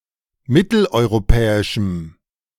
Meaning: strong dative masculine/neuter singular of mitteleuropäisch
- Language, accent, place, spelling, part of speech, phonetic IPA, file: German, Germany, Berlin, mitteleuropäischem, adjective, [ˈmɪtl̩ʔɔɪ̯ʁoˌpɛːɪʃm̩], De-mitteleuropäischem.ogg